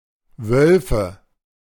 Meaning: nominative/accusative/genitive plural of Wolf (“wolf”)
- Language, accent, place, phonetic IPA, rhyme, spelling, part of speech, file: German, Germany, Berlin, [ˈvœlfə], -œlfə, Wölfe, noun, De-Wölfe.ogg